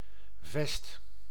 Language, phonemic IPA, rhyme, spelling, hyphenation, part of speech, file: Dutch, /vɛst/, -ɛst, vest, vest, noun, Nl-vest.ogg
- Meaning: 1. fortified wall, city wall 2. moat 3. boulevard 4. vest, cardigan, waistcoat